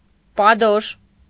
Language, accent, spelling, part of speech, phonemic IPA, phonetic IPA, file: Armenian, Eastern Armenian, պադոշ, noun / adjective, /pɑˈdoʃ/, [pɑdóʃ], Hy-պադոշ.ogg
- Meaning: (noun) 1. sole (bottom of a shoe or boot) 2. impudent, brazen-faced person; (adjective) impudent, brazen-faced